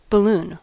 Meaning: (noun) 1. An inflatable buoyant object, often (but not necessarily) round and flexible 2. Such an object as a child’s toy or party decoration
- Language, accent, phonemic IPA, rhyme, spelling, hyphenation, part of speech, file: English, General American, /bəˈlun/, -uːn, balloon, bal‧loon, noun / verb, En-us-balloon.ogg